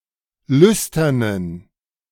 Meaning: inflection of lüstern: 1. strong genitive masculine/neuter singular 2. weak/mixed genitive/dative all-gender singular 3. strong/weak/mixed accusative masculine singular 4. strong dative plural
- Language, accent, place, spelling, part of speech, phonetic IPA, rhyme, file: German, Germany, Berlin, lüsternen, adjective, [ˈlʏstɐnən], -ʏstɐnən, De-lüsternen.ogg